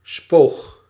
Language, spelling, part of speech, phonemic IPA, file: Dutch, spoog, verb, /spox/, Nl-spoog.ogg
- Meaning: singular past indicative of spugen